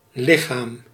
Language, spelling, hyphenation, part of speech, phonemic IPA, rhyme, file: Dutch, lichaam, li‧chaam, noun, /ˈlɪxaːm/, -aːm, Nl-lichaam.ogg
- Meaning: 1. body 2. corpse, dead body 3. legal body, organisation such as a corporation, association or assembly 4. field 5. division ring